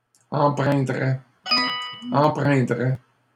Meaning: third-person singular conditional of empreindre
- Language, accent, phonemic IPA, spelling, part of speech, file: French, Canada, /ɑ̃.pʁɛ̃.dʁɛ/, empreindrait, verb, LL-Q150 (fra)-empreindrait.wav